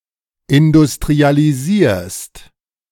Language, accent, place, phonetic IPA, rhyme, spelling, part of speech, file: German, Germany, Berlin, [ɪndʊstʁialiˈziːɐ̯st], -iːɐ̯st, industrialisierst, verb, De-industrialisierst.ogg
- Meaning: second-person singular present of industrialisieren